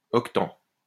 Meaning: octant (all senses)
- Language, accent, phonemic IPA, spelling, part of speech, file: French, France, /ɔk.tɑ̃/, octant, noun, LL-Q150 (fra)-octant.wav